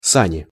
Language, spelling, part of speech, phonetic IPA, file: Russian, сани, noun, [ˈsanʲɪ], Ru-сани.ogg
- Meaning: 1. sledge, sleigh, sled (a vehicle on runners, used for conveying loads over the snow or ice) 2. luge (a racing sled)